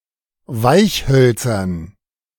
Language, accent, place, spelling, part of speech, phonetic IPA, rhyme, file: German, Germany, Berlin, Weichhölzern, noun, [ˈvaɪ̯çˌhœlt͡sɐn], -aɪ̯çhœlt͡sɐn, De-Weichhölzern.ogg
- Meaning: dative plural of Weichholz